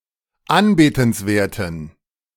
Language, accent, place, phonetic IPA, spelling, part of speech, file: German, Germany, Berlin, [ˈanbeːtn̩sˌveːɐ̯tn̩], anbetenswerten, adjective, De-anbetenswerten.ogg
- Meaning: inflection of anbetenswert: 1. strong genitive masculine/neuter singular 2. weak/mixed genitive/dative all-gender singular 3. strong/weak/mixed accusative masculine singular 4. strong dative plural